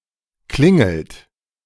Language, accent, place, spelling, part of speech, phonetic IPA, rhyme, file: German, Germany, Berlin, klingelt, verb, [ˈklɪŋl̩t], -ɪŋl̩t, De-klingelt.ogg
- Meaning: inflection of klingeln: 1. third-person singular present 2. second-person plural present 3. plural imperative